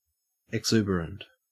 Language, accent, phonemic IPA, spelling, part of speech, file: English, Australia, /ɪɡˈzuːbəɹənt/, exuberant, adjective, En-au-exuberant.ogg
- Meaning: 1. Very cheery and peppy; extremely cheerful, energetic and enthusiastic 2. Abundant, luxuriant